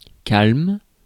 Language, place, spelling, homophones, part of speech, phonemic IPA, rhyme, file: French, Paris, calme, calment / calmes, adjective / noun / verb, /kalm/, -alm, Fr-calme.ogg
- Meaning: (adjective) 1. calm 2. quiet, peaceful; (noun) 1. calmness, stillness 2. coolness (of a person); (verb) inflection of calmer: first/third-person singular present indicative/subjunctive